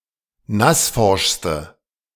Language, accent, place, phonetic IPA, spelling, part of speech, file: German, Germany, Berlin, [ˈnasˌfɔʁʃstə], nassforschste, adjective, De-nassforschste.ogg
- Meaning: inflection of nassforsch: 1. strong/mixed nominative/accusative feminine singular superlative degree 2. strong nominative/accusative plural superlative degree